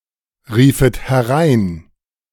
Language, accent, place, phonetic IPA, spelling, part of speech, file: German, Germany, Berlin, [ˌʁiːfət hɛˈʁaɪ̯n], riefet herein, verb, De-riefet herein.ogg
- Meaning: second-person plural subjunctive II of hereinrufen